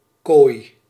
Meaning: 1. cage 2. bunk
- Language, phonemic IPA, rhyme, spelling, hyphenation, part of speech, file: Dutch, /koːi̯/, -oːi̯, kooi, kooi, noun, Nl-kooi.ogg